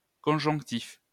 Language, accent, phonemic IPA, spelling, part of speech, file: French, France, /kɔ̃.ʒɔ̃k.tif/, conjonctif, adjective, LL-Q150 (fra)-conjonctif.wav
- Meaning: 1. conjunctive 2. subjunctive